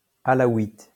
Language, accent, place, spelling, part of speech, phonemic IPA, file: French, France, Lyon, alaouite, noun / adjective, /a.la.wit/, LL-Q150 (fra)-alaouite.wav
- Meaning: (noun) Alawite